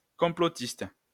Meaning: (adjective) conspiracy theorist
- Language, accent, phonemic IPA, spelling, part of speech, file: French, France, /kɔ̃.plɔ.tist/, complotiste, adjective / noun, LL-Q150 (fra)-complotiste.wav